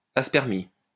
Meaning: aspermia
- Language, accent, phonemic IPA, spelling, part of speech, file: French, France, /as.pɛʁ.mi/, aspermie, noun, LL-Q150 (fra)-aspermie.wav